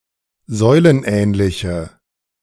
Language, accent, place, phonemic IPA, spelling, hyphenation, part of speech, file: German, Germany, Berlin, /ˈzɔɪ̯lənˌʔɛːnlɪçə/, säulenähnliche, säu‧len‧ähn‧li‧che, adjective, De-säulenähnliche.ogg
- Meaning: inflection of säulenähnlich: 1. strong/mixed nominative/accusative feminine singular 2. strong nominative/accusative plural 3. weak nominative all-gender singular